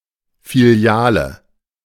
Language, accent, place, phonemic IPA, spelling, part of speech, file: German, Germany, Berlin, /fiˈli̯aːlə/, Filiale, noun, De-Filiale.ogg
- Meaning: branch (office of an organization with several locations)